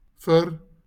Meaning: 1. for 2. Used to indicate the addressee of a communicative act 3. Direct object marker
- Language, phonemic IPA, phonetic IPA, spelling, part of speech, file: Afrikaans, /fər/, [fɨr], vir, preposition, LL-Q14196 (afr)-vir.wav